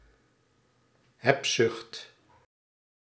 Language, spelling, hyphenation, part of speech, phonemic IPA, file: Dutch, hebzucht, heb‧zucht, noun, /ˈɦɛbˌzʏxt/, Nl-hebzucht.ogg
- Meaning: greed, avarice